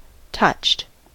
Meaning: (adjective) 1. Emotionally moved (by), made to feel emotion (by) 2. Slightly mentally deficient; touched in the head; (verb) simple past and past participle of touch
- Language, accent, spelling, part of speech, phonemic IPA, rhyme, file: English, US, touched, adjective / verb, /tʌt͡ʃt/, -ʌtʃt, En-us-touched.ogg